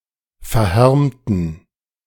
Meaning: inflection of verhärmt: 1. strong genitive masculine/neuter singular 2. weak/mixed genitive/dative all-gender singular 3. strong/weak/mixed accusative masculine singular 4. strong dative plural
- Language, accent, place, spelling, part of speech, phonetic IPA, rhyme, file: German, Germany, Berlin, verhärmten, adjective, [fɛɐ̯ˈhɛʁmtn̩], -ɛʁmtn̩, De-verhärmten.ogg